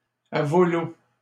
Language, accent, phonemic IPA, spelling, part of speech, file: French, Canada, /a vo.l‿o/, à vau-l'eau, adverb, LL-Q150 (fra)-à vau-l'eau.wav
- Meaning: 1. down the stream 2. down the drain, adrift